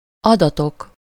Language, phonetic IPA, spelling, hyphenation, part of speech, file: Hungarian, [ˈɒdɒtok], adatok, ada‧tok, noun / verb, Hu-adatok.ogg
- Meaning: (noun) nominative plural of adat; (verb) 1. first-person singular indicative present indefinite of adat 2. first-person singular indicative present indefinite of adatik